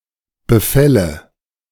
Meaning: nominative/accusative/genitive plural of Befall
- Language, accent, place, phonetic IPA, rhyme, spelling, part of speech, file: German, Germany, Berlin, [bəˈfɛlə], -ɛlə, Befälle, noun, De-Befälle.ogg